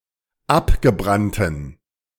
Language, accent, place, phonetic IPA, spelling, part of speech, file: German, Germany, Berlin, [ˈapɡəˌbʁantn̩], abgebrannten, adjective, De-abgebrannten.ogg
- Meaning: inflection of abgebrannt: 1. strong genitive masculine/neuter singular 2. weak/mixed genitive/dative all-gender singular 3. strong/weak/mixed accusative masculine singular 4. strong dative plural